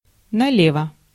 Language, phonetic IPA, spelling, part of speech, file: Russian, [nɐˈlʲevə], налево, adverb, Ru-налево.ogg
- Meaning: 1. to the left 2. on the side